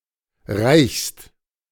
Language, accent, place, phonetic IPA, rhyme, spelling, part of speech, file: German, Germany, Berlin, [ʁaɪ̯çst], -aɪ̯çst, reichst, verb, De-reichst.ogg
- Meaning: second-person singular present of reichen